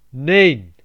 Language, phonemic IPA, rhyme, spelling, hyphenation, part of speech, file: Dutch, /neːn/, -eːn, neen, neen, interjection, Nl-neen.ogg
- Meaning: no; stressed or formal form of nee